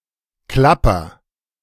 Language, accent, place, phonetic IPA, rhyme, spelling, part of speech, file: German, Germany, Berlin, [ˈklapɐ], -apɐ, klapper, verb, De-klapper.ogg
- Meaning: inflection of klappern: 1. first-person singular present 2. singular imperative